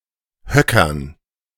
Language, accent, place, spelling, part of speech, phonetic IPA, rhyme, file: German, Germany, Berlin, Höckern, noun, [ˈhœkɐn], -œkɐn, De-Höckern.ogg
- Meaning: dative plural of Höcker